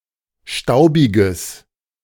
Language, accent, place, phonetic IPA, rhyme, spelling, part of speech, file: German, Germany, Berlin, [ˈʃtaʊ̯bɪɡəs], -aʊ̯bɪɡəs, staubiges, adjective, De-staubiges.ogg
- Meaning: strong/mixed nominative/accusative neuter singular of staubig